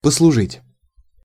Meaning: 1. to serve (for some time) 2. to serve, to act, to work (as), to be
- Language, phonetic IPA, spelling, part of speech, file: Russian, [pəsɫʊˈʐɨtʲ], послужить, verb, Ru-послужить.ogg